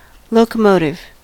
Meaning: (noun) 1. The power unit of a train that pulls the coaches or wagons 2. A traction engine 3. A cheer characterized by a slow beginning and a progressive increase in speed
- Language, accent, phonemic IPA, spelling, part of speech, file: English, US, /ˌloʊkəˈmoʊtɪv/, locomotive, noun / adjective, En-us-locomotive.ogg